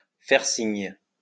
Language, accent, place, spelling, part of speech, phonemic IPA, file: French, France, Lyon, faire signe, verb, /fɛʁ siɲ/, LL-Q150 (fra)-faire signe.wav
- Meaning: 1. to signal; to gesticulate; to indicate using gestures 2. to give a heads up, to let know